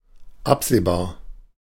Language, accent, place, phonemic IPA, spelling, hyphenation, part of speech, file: German, Germany, Berlin, /ˈapz̥eːˌbaːɐ̯/, absehbar, ab‧seh‧bar, adjective, De-absehbar.ogg
- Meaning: 1. foreseeable 2. conceivable